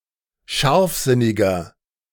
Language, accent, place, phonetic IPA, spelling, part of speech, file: German, Germany, Berlin, [ˈʃaʁfˌzɪnɪɡɐ], scharfsinniger, adjective, De-scharfsinniger.ogg
- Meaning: 1. comparative degree of scharfsinnig 2. inflection of scharfsinnig: strong/mixed nominative masculine singular 3. inflection of scharfsinnig: strong genitive/dative feminine singular